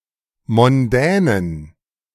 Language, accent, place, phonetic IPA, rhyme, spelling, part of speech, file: German, Germany, Berlin, [mɔnˈdɛːnən], -ɛːnən, mondänen, adjective, De-mondänen.ogg
- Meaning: inflection of mondän: 1. strong genitive masculine/neuter singular 2. weak/mixed genitive/dative all-gender singular 3. strong/weak/mixed accusative masculine singular 4. strong dative plural